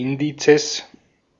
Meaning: plural of Index
- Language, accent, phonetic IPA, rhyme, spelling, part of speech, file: German, Austria, [ɪnˈdiːt͡səs], -iːt͡səs, Indizes, noun, De-at-Indizes.ogg